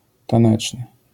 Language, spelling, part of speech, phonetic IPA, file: Polish, taneczny, adjective, [tãˈnɛt͡ʃnɨ], LL-Q809 (pol)-taneczny.wav